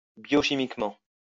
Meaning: biochemically
- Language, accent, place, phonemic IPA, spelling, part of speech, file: French, France, Lyon, /bjɔ.ʃi.mik.mɑ̃/, biochimiquement, adverb, LL-Q150 (fra)-biochimiquement.wav